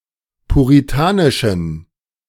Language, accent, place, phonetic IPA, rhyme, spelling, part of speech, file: German, Germany, Berlin, [puʁiˈtaːnɪʃn̩], -aːnɪʃn̩, puritanischen, adjective, De-puritanischen.ogg
- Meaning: inflection of puritanisch: 1. strong genitive masculine/neuter singular 2. weak/mixed genitive/dative all-gender singular 3. strong/weak/mixed accusative masculine singular 4. strong dative plural